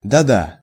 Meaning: (oh) yes
- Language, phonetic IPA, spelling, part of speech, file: Russian, [dɐ‿ˈda], да-да, adverb, Ru-да-да.ogg